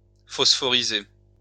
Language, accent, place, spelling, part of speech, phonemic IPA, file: French, France, Lyon, phosphoriser, verb, /fɔs.fɔ.ʁi.ze/, LL-Q150 (fra)-phosphoriser.wav
- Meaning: to phosphorize